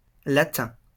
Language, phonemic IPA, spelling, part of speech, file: French, /la.tɛ̃/, Latin, noun, LL-Q150 (fra)-Latin.wav
- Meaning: 1. Latin (resident or native of Latium) 2. resident or native of a Romance country such as Italy, France, Spain, Portugal, Romania, etc, whose language is derived from Latin